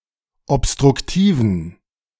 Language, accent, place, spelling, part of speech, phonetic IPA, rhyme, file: German, Germany, Berlin, obstruktiven, adjective, [ɔpstʁʊkˈtiːvn̩], -iːvn̩, De-obstruktiven.ogg
- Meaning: inflection of obstruktiv: 1. strong genitive masculine/neuter singular 2. weak/mixed genitive/dative all-gender singular 3. strong/weak/mixed accusative masculine singular 4. strong dative plural